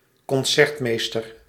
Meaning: concertmaster
- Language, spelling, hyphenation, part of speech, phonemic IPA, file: Dutch, concertmeester, con‧cert‧mees‧ter, noun, /kɔnˈsɛrtˌmeːs.tər/, Nl-concertmeester.ogg